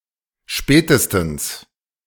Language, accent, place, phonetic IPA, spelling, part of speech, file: German, Germany, Berlin, [ˈʃpɛː.təs.tn̩s], spätestens, adverb, De-spätestens.ogg
- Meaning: 1. at the latest, not later than 2. if not before